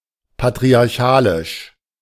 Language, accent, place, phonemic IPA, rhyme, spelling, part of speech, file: German, Germany, Berlin, /patʁiaˈçaːlɪʃ/, -aːlɪʃ, patriarchalisch, adjective, De-patriarchalisch.ogg
- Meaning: patriarchal